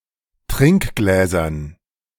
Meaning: dative plural of Trinkglas
- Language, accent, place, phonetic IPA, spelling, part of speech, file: German, Germany, Berlin, [ˈtʁɪŋkˌɡlɛːzɐn], Trinkgläsern, noun, De-Trinkgläsern.ogg